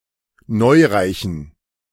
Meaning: inflection of neureich: 1. strong genitive masculine/neuter singular 2. weak/mixed genitive/dative all-gender singular 3. strong/weak/mixed accusative masculine singular 4. strong dative plural
- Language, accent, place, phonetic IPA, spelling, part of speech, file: German, Germany, Berlin, [ˈnɔɪ̯ʁaɪ̯çn̩], neureichen, adjective, De-neureichen.ogg